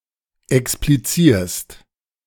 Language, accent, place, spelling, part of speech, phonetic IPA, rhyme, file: German, Germany, Berlin, explizierst, verb, [ɛkspliˈt͡siːɐ̯st], -iːɐ̯st, De-explizierst.ogg
- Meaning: second-person singular present of explizieren